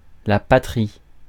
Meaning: homeland, home country, country of origin, fatherland
- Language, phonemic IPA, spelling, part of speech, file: French, /pa.tʁi/, patrie, noun, Fr-patrie.ogg